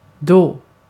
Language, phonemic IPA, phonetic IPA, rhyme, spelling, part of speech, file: Swedish, /doː/, [doː], -oː, då, adverb / conjunction, Sv-då.ogg
- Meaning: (adverb) 1. then; at that time 2. then; in that case 3. what about, how about; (conjunction) 1. when; at the same point in time as 2. since, as; by background of the case being that